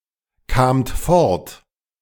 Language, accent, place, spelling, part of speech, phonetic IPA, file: German, Germany, Berlin, kamt fort, verb, [ˌkaːmt ˈfɔʁt], De-kamt fort.ogg
- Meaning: second-person plural preterite of fortkommen